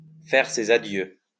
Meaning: to bid farewell, to bid adieu, to say goodbye
- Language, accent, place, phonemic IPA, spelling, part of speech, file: French, France, Lyon, /fɛʁ se.z‿a.djø/, faire ses adieux, verb, LL-Q150 (fra)-faire ses adieux.wav